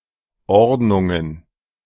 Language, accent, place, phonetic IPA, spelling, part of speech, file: German, Germany, Berlin, [ˈɔʁdnʊŋən], Ordnungen, noun, De-Ordnungen.ogg
- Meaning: plural of Ordnung